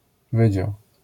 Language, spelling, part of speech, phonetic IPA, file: Polish, wydział, noun, [ˈvɨd͡ʑaw], LL-Q809 (pol)-wydział.wav